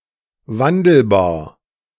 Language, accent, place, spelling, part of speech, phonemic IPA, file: German, Germany, Berlin, wandelbar, adjective, /ˈvandl̩baːɐ̯/, De-wandelbar.ogg
- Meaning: changeable, varying, inconsistent